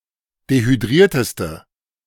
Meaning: inflection of dehydriert: 1. strong/mixed nominative/accusative feminine singular superlative degree 2. strong nominative/accusative plural superlative degree
- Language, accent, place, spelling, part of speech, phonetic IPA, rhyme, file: German, Germany, Berlin, dehydrierteste, adjective, [dehyˈdʁiːɐ̯təstə], -iːɐ̯təstə, De-dehydrierteste.ogg